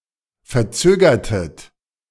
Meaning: inflection of verzögern: 1. second-person plural preterite 2. second-person plural subjunctive II
- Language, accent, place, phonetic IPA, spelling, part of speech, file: German, Germany, Berlin, [fɛɐ̯ˈt͡søːɡɐtət], verzögertet, verb, De-verzögertet.ogg